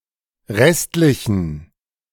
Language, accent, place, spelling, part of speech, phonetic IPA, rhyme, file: German, Germany, Berlin, restlichen, adjective, [ˈʁɛstlɪçn̩], -ɛstlɪçn̩, De-restlichen.ogg
- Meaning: inflection of restlich: 1. strong genitive masculine/neuter singular 2. weak/mixed genitive/dative all-gender singular 3. strong/weak/mixed accusative masculine singular 4. strong dative plural